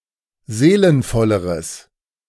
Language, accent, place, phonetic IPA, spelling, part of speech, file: German, Germany, Berlin, [ˈzeːlənfɔləʁəs], seelenvolleres, adjective, De-seelenvolleres.ogg
- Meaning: strong/mixed nominative/accusative neuter singular comparative degree of seelenvoll